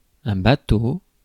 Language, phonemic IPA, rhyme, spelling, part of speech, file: French, /ba.to/, -o, bateau, noun / adjective, Fr-bateau.ogg
- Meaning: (noun) a vessel of any size, a ship or boat; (adjective) banal, unoriginal, hackneyed